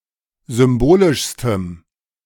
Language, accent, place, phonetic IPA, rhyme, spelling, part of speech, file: German, Germany, Berlin, [ˌzʏmˈboːlɪʃstəm], -oːlɪʃstəm, symbolischstem, adjective, De-symbolischstem.ogg
- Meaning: strong dative masculine/neuter singular superlative degree of symbolisch